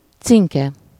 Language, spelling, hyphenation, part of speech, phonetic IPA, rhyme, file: Hungarian, cinke, cin‧ke, noun, [ˈt͡siŋkɛ], -kɛ, Hu-cinke.ogg
- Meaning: tit, titmouse (bird), especially the great tit